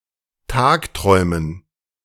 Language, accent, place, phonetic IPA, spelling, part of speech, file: German, Germany, Berlin, [ˈtaːkˌtʁɔɪ̯mən], Tagträumen, noun, De-Tagträumen.ogg
- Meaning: 1. dative plural of Tagtraum 2. daydreaming, woolgathering